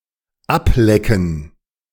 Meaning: to lick off, to lick up
- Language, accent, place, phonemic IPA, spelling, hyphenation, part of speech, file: German, Germany, Berlin, /ˈapˌlɛkn̩/, ablecken, ab‧le‧cken, verb, De-ablecken.ogg